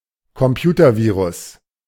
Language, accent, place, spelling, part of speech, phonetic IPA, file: German, Germany, Berlin, Computervirus, noun, [kɔmˈpjuːtɐˌviːʁʊs], De-Computervirus.ogg
- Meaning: computer virus